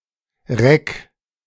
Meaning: horizontal bar
- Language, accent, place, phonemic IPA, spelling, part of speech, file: German, Germany, Berlin, /ʁɛk/, Reck, noun, De-Reck.ogg